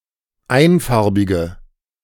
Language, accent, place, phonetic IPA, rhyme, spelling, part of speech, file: German, Germany, Berlin, [ˈaɪ̯nˌfaʁbɪɡə], -aɪ̯nfaʁbɪɡə, einfarbige, adjective, De-einfarbige.ogg
- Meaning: inflection of einfarbig: 1. strong/mixed nominative/accusative feminine singular 2. strong nominative/accusative plural 3. weak nominative all-gender singular